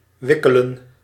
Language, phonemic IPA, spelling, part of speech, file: Dutch, /ˈʋɪkələ(n)/, wikkelen, verb, Nl-wikkelen.ogg
- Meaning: 1. to wrap 2. to wind